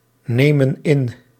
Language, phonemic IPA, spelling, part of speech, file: Dutch, /ˈnemə(n) ˈɪn/, nemen in, verb, Nl-nemen in.ogg
- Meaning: inflection of innemen: 1. plural present indicative 2. plural present subjunctive